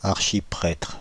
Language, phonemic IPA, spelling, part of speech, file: French, /aʁ.ʃi.pʁɛtʁ/, archiprêtre, noun, Fr-archiprêtre.ogg
- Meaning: archpriest